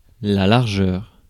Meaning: width
- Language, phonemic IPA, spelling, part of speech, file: French, /laʁ.ʒœʁ/, largeur, noun, Fr-largeur.ogg